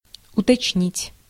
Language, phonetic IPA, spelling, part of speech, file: Russian, [ʊtɐt͡ɕˈnʲitʲ], уточнить, verb, Ru-уточнить.ogg
- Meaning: 1. to specify, to make more exact/precise 2. to inquire, to clarify by inquiring, to straighten out